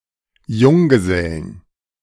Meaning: 1. genitive singular of Junggeselle 2. plural of Junggeselle
- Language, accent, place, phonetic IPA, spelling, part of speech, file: German, Germany, Berlin, [ˈjʊŋɡəˌzɛlən], Junggesellen, noun, De-Junggesellen.ogg